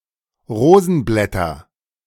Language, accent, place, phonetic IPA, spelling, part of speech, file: German, Germany, Berlin, [ˈʁoːzn̩ˌblɛtɐ], Rosenblätter, noun, De-Rosenblätter.ogg
- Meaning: nominative/accusative/genitive plural of Rosenblatt